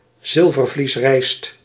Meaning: brown rice
- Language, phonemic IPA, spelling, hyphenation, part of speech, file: Dutch, /ˈzɪl.vər.vlisˌrɛi̯st/, zilvervliesrijst, zil‧ver‧vlies‧rijst, noun, Nl-zilvervliesrijst.ogg